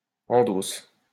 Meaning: inflection of endosser: 1. first/third-person singular present indicative/subjunctive 2. second-person singular imperative
- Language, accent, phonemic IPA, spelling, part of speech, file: French, France, /ɑ̃.dɔs/, endosse, verb, LL-Q150 (fra)-endosse.wav